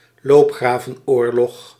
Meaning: trench war
- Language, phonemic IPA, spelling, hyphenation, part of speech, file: Dutch, /ˈloːp.xraː.və(n)ˌoːr.lɔx/, loopgravenoorlog, loop‧gra‧ven‧oor‧log, noun, Nl-loopgravenoorlog.ogg